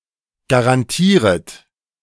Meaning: second-person plural subjunctive I of garantieren
- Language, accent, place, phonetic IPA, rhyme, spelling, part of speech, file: German, Germany, Berlin, [ɡaʁanˈtiːʁət], -iːʁət, garantieret, verb, De-garantieret.ogg